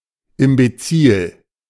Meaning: imbecilic
- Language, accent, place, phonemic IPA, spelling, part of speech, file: German, Germany, Berlin, /ɪmbeˈt͡siːl/, imbezil, adjective, De-imbezil.ogg